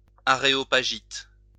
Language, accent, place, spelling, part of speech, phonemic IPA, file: French, France, Lyon, aréopagite, adjective / noun, /a.ʁe.ɔ.pa.ʒit/, LL-Q150 (fra)-aréopagite.wav
- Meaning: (adjective) Areopagite